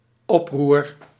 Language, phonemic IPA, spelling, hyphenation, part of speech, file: Dutch, /ˈɔp.rur/, oproer, op‧roer, noun, Nl-oproer.ogg
- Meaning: 1. uproar, riot 2. tumult, upheaval